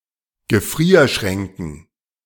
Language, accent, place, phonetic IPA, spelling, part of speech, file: German, Germany, Berlin, [ɡəˈfʁiːɐ̯ˌʃʁɛŋkn̩], Gefrierschränken, noun, De-Gefrierschränken.ogg
- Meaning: dative plural of Gefrierschrank